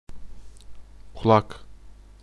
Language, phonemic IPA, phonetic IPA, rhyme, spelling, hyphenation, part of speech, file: Turkish, /kuˈɫak/, [kʰuˈɫɑk], -ak, kulak, ku‧lak, noun, Tr-kulak.ogg
- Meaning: 1. ear 2. lug, earlobe 3. hearing, the sense of hearing 4. tuning key 5. kulak